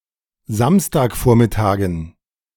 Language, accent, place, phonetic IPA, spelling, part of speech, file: German, Germany, Berlin, [ˈzamstaːkˌfoːɐ̯mɪtaːɡn̩], Samstagvormittagen, noun, De-Samstagvormittagen.ogg
- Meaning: dative plural of Samstagvormittag